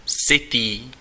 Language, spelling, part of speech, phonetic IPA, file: Czech, sytý, adjective, [ˈsɪtiː], Cs-sytý.ogg
- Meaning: satiated, full (having eaten enough food)